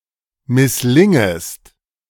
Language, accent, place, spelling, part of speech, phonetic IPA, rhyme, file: German, Germany, Berlin, misslingest, verb, [mɪsˈlɪŋəst], -ɪŋəst, De-misslingest.ogg
- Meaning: second-person singular subjunctive I of misslingen